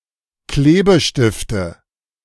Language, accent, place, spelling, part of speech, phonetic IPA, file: German, Germany, Berlin, Klebestifte, noun, [ˈkleːbəˌʃtɪftə], De-Klebestifte.ogg
- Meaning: nominative/accusative/genitive plural of Klebestift